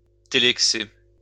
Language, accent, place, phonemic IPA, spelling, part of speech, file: French, France, Lyon, /te.lɛk.se/, télexer, verb, LL-Q150 (fra)-télexer.wav
- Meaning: to telex